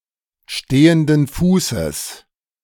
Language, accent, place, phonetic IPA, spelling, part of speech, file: German, Germany, Berlin, [ˈʃteːəndn̩ ˈfuːsəs], stehenden Fußes, phrase, De-stehenden Fußes.ogg
- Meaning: on the spot